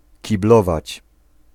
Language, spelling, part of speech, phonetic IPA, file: Polish, kiblować, verb, [ciˈblɔvat͡ɕ], Pl-kiblować.ogg